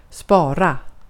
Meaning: 1. to save, to store for future use 2. to save; write to a disc 3. to spare; prevent the waste of
- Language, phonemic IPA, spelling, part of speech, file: Swedish, /spɑːra/, spara, verb, Sv-spara.ogg